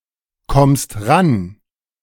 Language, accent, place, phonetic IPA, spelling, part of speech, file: German, Germany, Berlin, [ˌkɔmst ˈʁan], kommst ran, verb, De-kommst ran.ogg
- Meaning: second-person singular present of rankommen